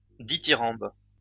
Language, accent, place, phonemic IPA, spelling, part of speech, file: French, France, Lyon, /di.ti.ʁɑ̃b/, dithyrambe, noun, LL-Q150 (fra)-dithyrambe.wav
- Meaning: dithyramb